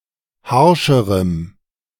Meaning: strong dative masculine/neuter singular comparative degree of harsch
- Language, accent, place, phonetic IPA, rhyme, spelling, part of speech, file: German, Germany, Berlin, [ˈhaʁʃəʁəm], -aʁʃəʁəm, harscherem, adjective, De-harscherem.ogg